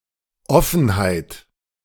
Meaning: 1. openness 2. candour, sincerity, frankness, forthrightness
- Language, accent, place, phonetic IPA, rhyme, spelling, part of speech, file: German, Germany, Berlin, [ˈɔfn̩haɪ̯t], -ɔfn̩haɪ̯t, Offenheit, noun, De-Offenheit.ogg